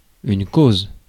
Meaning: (noun) 1. cause 2. case (a legal proceeding); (verb) inflection of causer: 1. first/third-person singular present indicative/subjunctive 2. second-person singular imperative
- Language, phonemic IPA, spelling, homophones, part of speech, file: French, /koz/, cause, causent / causes, noun / verb, Fr-cause.ogg